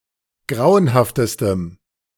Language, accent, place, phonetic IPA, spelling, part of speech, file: German, Germany, Berlin, [ˈɡʁaʊ̯ənhaftəstəm], grauenhaftestem, adjective, De-grauenhaftestem.ogg
- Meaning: strong dative masculine/neuter singular superlative degree of grauenhaft